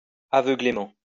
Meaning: blindly
- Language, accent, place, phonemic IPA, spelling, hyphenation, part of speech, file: French, France, Lyon, /a.vœ.ɡle.mɑ̃/, aveuglément, a‧veu‧glé‧ment, adverb, LL-Q150 (fra)-aveuglément.wav